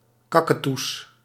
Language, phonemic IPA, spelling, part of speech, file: Dutch, /ˈkakəˌtus/, kaketoes, noun, Nl-kaketoes.ogg
- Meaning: plural of kaketoe